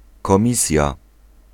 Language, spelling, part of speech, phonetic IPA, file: Polish, komisja, noun, [kɔ̃ˈmʲisʲja], Pl-komisja.ogg